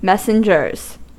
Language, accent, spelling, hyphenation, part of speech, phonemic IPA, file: English, US, messengers, mes‧sen‧gers, noun, /ˈmɛs.n̩.d͡ʒɚz/, En-us-messengers.ogg
- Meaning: plural of messenger